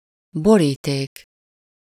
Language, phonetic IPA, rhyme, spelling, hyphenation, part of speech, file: Hungarian, [ˈboriːteːk], -eːk, boríték, bo‧rí‧ték, noun, Hu-boríték.ogg
- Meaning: envelope